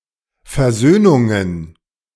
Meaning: plural of Versöhnung
- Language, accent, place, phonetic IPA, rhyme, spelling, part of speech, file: German, Germany, Berlin, [fɛɐ̯ˈzøːnʊŋən], -øːnʊŋən, Versöhnungen, noun, De-Versöhnungen.ogg